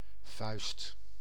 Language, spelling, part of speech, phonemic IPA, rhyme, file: Dutch, vuist, noun / verb, /vœy̯st/, -œy̯st, Nl-vuist.ogg
- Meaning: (noun) fist; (verb) inflection of vuisten: 1. first/second/third-person singular present indicative 2. imperative